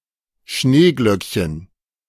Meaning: snowdrop (plant)
- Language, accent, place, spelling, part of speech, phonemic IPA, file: German, Germany, Berlin, Schneeglöckchen, noun, /ˈʃneːɡlœkçən/, De-Schneeglöckchen.ogg